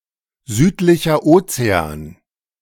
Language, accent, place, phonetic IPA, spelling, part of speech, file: German, Germany, Berlin, [ˌzyːtlɪçə ˈʔoːt͡seaːn], Südlicher Ozean, proper noun, De-Südlicher Ozean.ogg